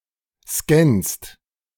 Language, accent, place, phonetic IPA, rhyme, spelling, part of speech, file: German, Germany, Berlin, [skɛnst], -ɛnst, scannst, verb, De-scannst.ogg
- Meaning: second-person singular present of scannen